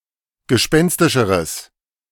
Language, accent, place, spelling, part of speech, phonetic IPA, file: German, Germany, Berlin, gespenstischeres, adjective, [ɡəˈʃpɛnstɪʃəʁəs], De-gespenstischeres.ogg
- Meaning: strong/mixed nominative/accusative neuter singular comparative degree of gespenstisch